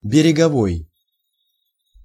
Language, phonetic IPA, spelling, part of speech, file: Russian, [bʲɪrʲɪɡɐˈvoj], береговой, adjective, Ru-береговой.ogg
- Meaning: beach, coast; coastal